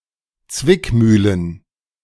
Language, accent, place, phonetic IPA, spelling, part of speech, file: German, Germany, Berlin, [ˈt͡svɪkˌmyːlən], Zwickmühlen, noun, De-Zwickmühlen.ogg
- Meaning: plural of Zwickmühle